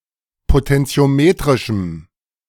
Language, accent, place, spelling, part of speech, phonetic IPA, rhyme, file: German, Germany, Berlin, potentiometrischem, adjective, [potɛnt͡si̯oˈmeːtʁɪʃm̩], -eːtʁɪʃm̩, De-potentiometrischem.ogg
- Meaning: strong dative masculine/neuter singular of potentiometrisch